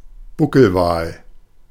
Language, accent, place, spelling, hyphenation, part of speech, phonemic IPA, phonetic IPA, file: German, Germany, Berlin, Buckelwal, Bu‧ckel‧wal, noun, /ˈbʊkəlvaːl/, [ˈbʊkl̩vaːl], De-Buckelwal.ogg
- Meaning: humpback whale (Megaptera novaeangliae)